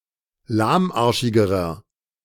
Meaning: inflection of lahmarschig: 1. strong/mixed nominative masculine singular comparative degree 2. strong genitive/dative feminine singular comparative degree 3. strong genitive plural comparative degree
- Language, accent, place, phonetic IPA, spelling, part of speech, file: German, Germany, Berlin, [ˈlaːmˌʔaʁʃɪɡəʁɐ], lahmarschigerer, adjective, De-lahmarschigerer.ogg